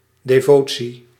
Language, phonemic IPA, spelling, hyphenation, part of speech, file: Dutch, /ˌdeːˈvoː.(t)si/, devotie, de‧vo‧tie, noun, Nl-devotie.ogg
- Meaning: 1. devotion, piety 2. an act of worship, a religious mass or service